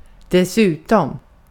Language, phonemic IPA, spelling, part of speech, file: Swedish, /deˈsʉːtɔm/, dessutom, adverb, Sv-dessutom.ogg
- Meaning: besides, moreover, furthermore, in addition